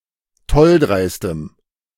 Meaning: strong dative masculine/neuter singular of tolldreist
- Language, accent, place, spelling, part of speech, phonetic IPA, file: German, Germany, Berlin, tolldreistem, adjective, [ˈtɔlˌdʁaɪ̯stəm], De-tolldreistem.ogg